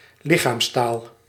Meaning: body language
- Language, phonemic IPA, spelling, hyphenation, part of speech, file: Dutch, /ˈlɪ.xaːmsˌtaːl/, lichaamstaal, li‧chaams‧taal, noun, Nl-lichaamstaal.ogg